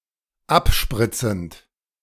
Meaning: present participle of abspritzen
- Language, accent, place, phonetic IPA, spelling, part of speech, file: German, Germany, Berlin, [ˈapˌʃpʁɪt͡sn̩t], abspritzend, verb, De-abspritzend.ogg